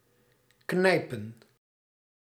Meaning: to pinch, to squeeze
- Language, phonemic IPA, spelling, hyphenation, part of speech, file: Dutch, /ˈknɛi̯.pə(n)/, knijpen, knij‧pen, verb, Nl-knijpen.ogg